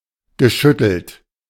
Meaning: past participle of schütteln
- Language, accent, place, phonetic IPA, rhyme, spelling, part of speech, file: German, Germany, Berlin, [ɡəˈʃʏtl̩t], -ʏtl̩t, geschüttelt, verb, De-geschüttelt.ogg